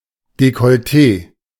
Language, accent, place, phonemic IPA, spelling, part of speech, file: German, Germany, Berlin, /dekɔlˈteː/, Dekolleté, noun, De-Dekolleté.ogg
- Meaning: low neckline, cleavage (portions of a woman’s chest not covered by her dress or blouse, usually including part of the breasts)